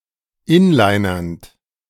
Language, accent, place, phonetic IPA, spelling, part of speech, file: German, Germany, Berlin, [ˈɪnlaɪ̯nɐnt], inlinernd, verb, De-inlinernd.ogg
- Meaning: present participle of inlinern